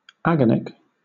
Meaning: 1. Characterized by agony 2. Of a mode of social interaction based on threats, displays of power, or inducements of anxiety 3. Occurring shortly before death; agonal
- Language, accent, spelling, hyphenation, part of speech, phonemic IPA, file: English, Southern England, agonic, agon‧ic, adjective, /ˈæɡənik/, LL-Q1860 (eng)-agonic.wav